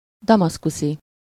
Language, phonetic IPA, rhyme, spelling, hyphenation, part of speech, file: Hungarian, [ˈdɒmɒskusi], -si, damaszkuszi, da‧masz‧ku‧szi, adjective / noun, Hu-damaszkuszi.ogg
- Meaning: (adjective) Damascene (of or relating to Damascus); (noun) Damascene (a person living in or originating from Damascus)